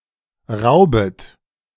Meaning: second-person plural subjunctive I of rauben
- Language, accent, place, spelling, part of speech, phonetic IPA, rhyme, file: German, Germany, Berlin, raubet, verb, [ˈʁaʊ̯bət], -aʊ̯bət, De-raubet.ogg